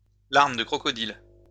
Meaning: crocodile tears (display of tears that is forced or false)
- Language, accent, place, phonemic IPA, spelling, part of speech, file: French, France, Lyon, /laʁ.m(ə) də kʁɔ.kɔ.dil/, larmes de crocodile, noun, LL-Q150 (fra)-larmes de crocodile.wav